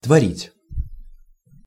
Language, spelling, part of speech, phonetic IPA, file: Russian, творить, verb, [tvɐˈrʲitʲ], Ru-творить.ogg
- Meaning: 1. to create 2. to do, to make 3. to knead (dough or clay)